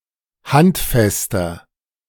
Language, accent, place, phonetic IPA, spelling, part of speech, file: German, Germany, Berlin, [ˈhantˌfɛstɐ], handfester, adjective, De-handfester.ogg
- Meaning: 1. comparative degree of handfest 2. inflection of handfest: strong/mixed nominative masculine singular 3. inflection of handfest: strong genitive/dative feminine singular